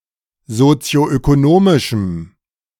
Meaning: strong dative masculine/neuter singular of sozioökonomisch
- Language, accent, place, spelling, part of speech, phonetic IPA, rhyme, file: German, Germany, Berlin, sozioökonomischem, adjective, [zot͡si̯oʔøkoˈnoːmɪʃm̩], -oːmɪʃm̩, De-sozioökonomischem.ogg